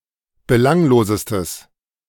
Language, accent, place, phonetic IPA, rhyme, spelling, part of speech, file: German, Germany, Berlin, [bəˈlaŋloːzəstəs], -aŋloːzəstəs, belanglosestes, adjective, De-belanglosestes.ogg
- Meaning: strong/mixed nominative/accusative neuter singular superlative degree of belanglos